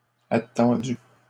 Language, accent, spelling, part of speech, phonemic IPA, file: French, Canada, attendus, verb, /a.tɑ̃.dy/, LL-Q150 (fra)-attendus.wav
- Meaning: masculine plural of attendu